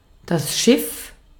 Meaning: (noun) 1. ship 2. nave 3. a large, unwieldy car (e.g. an SUV) 4. vessel (for holding fluids) 5. boiler (metal container for boiling water in some old stoves and ovens) 6. galley (tray)
- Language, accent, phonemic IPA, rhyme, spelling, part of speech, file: German, Austria, /ʃɪf/, -ɪf, Schiff, noun / proper noun, De-at-Schiff.ogg